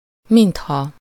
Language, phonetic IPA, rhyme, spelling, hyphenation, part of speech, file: Hungarian, [ˈminthɒ], -hɒ, mintha, mint‧ha, conjunction, Hu-mintha.ogg
- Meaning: 1. as if, as though 2. misspelling of mint ha 3. Expresses uncertainty